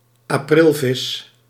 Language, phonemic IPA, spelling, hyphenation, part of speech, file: Dutch, /aːˈprɪlˌvɪs/, aprilvis, april‧vis, noun, Nl-aprilvis.ogg
- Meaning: April fool, a joke played on April Fools' Day